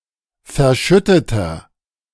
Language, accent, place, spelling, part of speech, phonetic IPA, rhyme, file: German, Germany, Berlin, verschütteter, adjective, [fɛɐ̯ˈʃʏtətɐ], -ʏtətɐ, De-verschütteter.ogg
- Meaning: inflection of verschüttet: 1. strong/mixed nominative masculine singular 2. strong genitive/dative feminine singular 3. strong genitive plural